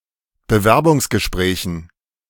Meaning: dative plural of Bewerbungsgespräch
- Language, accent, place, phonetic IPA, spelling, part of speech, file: German, Germany, Berlin, [bəˈvɛʁbʊŋsɡəˌʃpʁɛːçn̩], Bewerbungsgesprächen, noun, De-Bewerbungsgesprächen.ogg